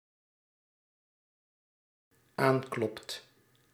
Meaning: second/third-person singular dependent-clause present indicative of aankloppen
- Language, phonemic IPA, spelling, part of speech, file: Dutch, /ˈaŋklɔpt/, aanklopt, verb, Nl-aanklopt.ogg